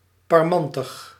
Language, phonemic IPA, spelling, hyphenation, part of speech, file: Dutch, /pɑrˈmɑn.təx/, parmantig, par‧man‧tig, adjective, Nl-parmantig.ogg
- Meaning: 1. proud, self-assured, brave, arrogant 2. perky